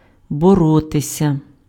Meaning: to fight, to wrestle, to struggle, to strive
- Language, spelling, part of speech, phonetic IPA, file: Ukrainian, боротися, verb, [bɔˈrɔtesʲɐ], Uk-боротися.ogg